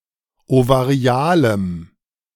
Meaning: strong dative masculine/neuter singular of ovarial
- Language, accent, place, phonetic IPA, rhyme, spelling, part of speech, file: German, Germany, Berlin, [ovaˈʁi̯aːləm], -aːləm, ovarialem, adjective, De-ovarialem.ogg